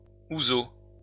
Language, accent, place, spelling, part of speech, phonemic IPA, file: French, France, Lyon, houseau, noun, /u.zo/, LL-Q150 (fra)-houseau.wav
- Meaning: gaiter